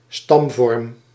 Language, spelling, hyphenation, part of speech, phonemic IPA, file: Dutch, stamvorm, stam‧vorm, noun, /ˈstɑm.vɔrm/, Nl-stamvorm.ogg
- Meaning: 1. progenitor, ancestor 2. stem